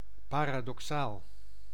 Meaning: paradoxical
- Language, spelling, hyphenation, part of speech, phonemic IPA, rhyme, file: Dutch, paradoxaal, pa‧ra‧do‧xaal, adjective, /ˌpaːraːdɔkˈsaːl/, -aːl, Nl-paradoxaal.ogg